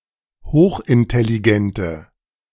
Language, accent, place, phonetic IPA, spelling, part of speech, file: German, Germany, Berlin, [ˈhoːxʔɪntɛliˌɡɛntə], hochintelligente, adjective, De-hochintelligente.ogg
- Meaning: inflection of hochintelligent: 1. strong/mixed nominative/accusative feminine singular 2. strong nominative/accusative plural 3. weak nominative all-gender singular